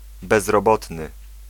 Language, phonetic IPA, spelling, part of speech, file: Polish, [ˌbɛzrɔˈbɔtnɨ], bezrobotny, adjective / noun, Pl-bezrobotny.ogg